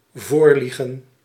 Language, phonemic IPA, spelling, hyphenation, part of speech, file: Dutch, /ˈvoːrˌli.ɣə(n)/, voorliegen, voor‧lie‧gen, verb, Nl-voorliegen.ogg
- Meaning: to lie to, to tell a lie to someone